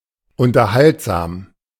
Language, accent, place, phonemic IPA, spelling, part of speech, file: German, Germany, Berlin, /ˌʊntɐˈhaltzaːm/, unterhaltsam, adjective, De-unterhaltsam.ogg
- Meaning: amusing; entertaining; enjoyable